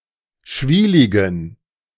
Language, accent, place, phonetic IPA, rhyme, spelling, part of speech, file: German, Germany, Berlin, [ˈʃviːlɪɡn̩], -iːlɪɡn̩, schwieligen, adjective, De-schwieligen.ogg
- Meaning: inflection of schwielig: 1. strong genitive masculine/neuter singular 2. weak/mixed genitive/dative all-gender singular 3. strong/weak/mixed accusative masculine singular 4. strong dative plural